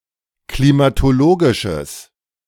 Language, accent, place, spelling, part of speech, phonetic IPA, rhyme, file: German, Germany, Berlin, klimatologisches, adjective, [klimatoˈloːɡɪʃəs], -oːɡɪʃəs, De-klimatologisches.ogg
- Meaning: strong/mixed nominative/accusative neuter singular of klimatologisch